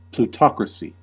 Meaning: 1. Government by the wealthy 2. A controlling class of the wealthy
- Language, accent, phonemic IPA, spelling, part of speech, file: English, US, /pluːˈtɑːkɹəsi/, plutocracy, noun, En-us-plutocracy.ogg